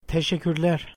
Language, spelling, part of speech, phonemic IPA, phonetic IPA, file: Turkish, teşekkürler, noun / interjection, /te.ʃec.cyɾˈleɾ/, [te.ʃec.cyɾˈlæɾ], Teşekkürler.ogg
- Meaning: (noun) nominative plural of teşekkür; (interjection) thanks